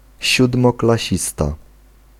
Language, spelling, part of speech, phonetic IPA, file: Polish, siódmoklasista, noun, [ˌɕudmɔklaˈɕista], Pl-siódmoklasista.ogg